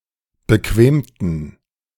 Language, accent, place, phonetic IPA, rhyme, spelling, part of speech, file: German, Germany, Berlin, [bəˈkveːmtn̩], -eːmtn̩, bequemten, adjective / verb, De-bequemten.ogg
- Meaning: inflection of bequemen: 1. first/third-person plural preterite 2. first/third-person plural subjunctive II